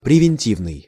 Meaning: 1. preventive, preventative 2. preemptive (of a war)
- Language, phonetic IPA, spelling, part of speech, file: Russian, [prʲɪvʲɪnʲˈtʲivnɨj], превентивный, adjective, Ru-превентивный.ogg